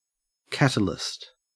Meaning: 1. A substance that increases the rate of a chemical reaction without being consumed in the process 2. Something that encourages progress or change
- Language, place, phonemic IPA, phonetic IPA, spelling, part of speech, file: English, Queensland, /ˈkæt.ə.lɪst/, [ˈkæɾ.ə.lɪst], catalyst, noun, En-au-catalyst.ogg